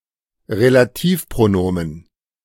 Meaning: relative pronoun (pronoun that introduces a relative clause)
- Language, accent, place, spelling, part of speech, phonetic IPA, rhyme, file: German, Germany, Berlin, Relativpronomen, noun, [ʁelaˈtiːfpʁoˌnoːmən], -iːfpʁonoːmən, De-Relativpronomen.ogg